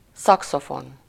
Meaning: saxophone (a musical instrument of the woodwind family)
- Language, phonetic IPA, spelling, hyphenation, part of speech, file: Hungarian, [ˈsɒksofon], szaxofon, sza‧xo‧fon, noun, Hu-szaxofon.ogg